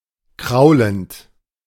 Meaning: present participle of kraulen
- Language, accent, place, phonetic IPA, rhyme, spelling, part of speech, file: German, Germany, Berlin, [ˈkʁaʊ̯lənt], -aʊ̯lənt, kraulend, verb, De-kraulend.ogg